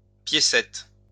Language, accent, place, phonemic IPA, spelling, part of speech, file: French, France, Lyon, /pje.sɛt/, piécette, noun, LL-Q150 (fra)-piécette.wav
- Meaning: diminutive of pièce: 1. small coin 2. small room